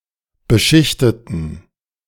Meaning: inflection of beschichtet: 1. strong genitive masculine/neuter singular 2. weak/mixed genitive/dative all-gender singular 3. strong/weak/mixed accusative masculine singular 4. strong dative plural
- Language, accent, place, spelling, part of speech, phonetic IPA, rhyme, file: German, Germany, Berlin, beschichteten, adjective / verb, [bəˈʃɪçtətn̩], -ɪçtətn̩, De-beschichteten.ogg